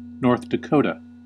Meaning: 1. A state in the Upper Midwest region of the United States. Capital: Bismarck. Largest city: Fargo 2. University of North Dakota
- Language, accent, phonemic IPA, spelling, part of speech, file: English, US, /ˈnɔɹθ dəˈkoʊ.tə/, North Dakota, proper noun, En-us-North Dakota.ogg